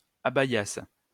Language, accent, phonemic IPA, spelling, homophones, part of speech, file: French, France, /a.ba.jas/, abaïassent, abaïasse / abaïasses, verb, LL-Q150 (fra)-abaïassent.wav
- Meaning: third-person plural imperfect subjunctive of abaïer